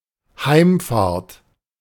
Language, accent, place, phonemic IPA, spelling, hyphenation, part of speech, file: German, Germany, Berlin, /ˈhaɪ̯mfaːɐ̯t/, Heimfahrt, Heim‧fahrt, noun, De-Heimfahrt.ogg
- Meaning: journey home